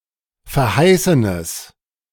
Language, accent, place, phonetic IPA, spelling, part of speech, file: German, Germany, Berlin, [fɛɐ̯ˈhaɪ̯sənəs], verheißenes, adjective, De-verheißenes.ogg
- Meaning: strong/mixed nominative/accusative neuter singular of verheißen